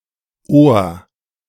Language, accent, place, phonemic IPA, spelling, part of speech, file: German, Germany, Berlin, /oːr/, Ohr, noun, De-Ohr2.ogg
- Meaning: 1. ear (the auditory organ) 2. ear (the external visible part of the organ, the auricle)